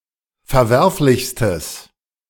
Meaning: strong/mixed nominative/accusative neuter singular superlative degree of verwerflich
- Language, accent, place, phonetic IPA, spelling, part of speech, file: German, Germany, Berlin, [fɛɐ̯ˈvɛʁflɪçstəs], verwerflichstes, adjective, De-verwerflichstes.ogg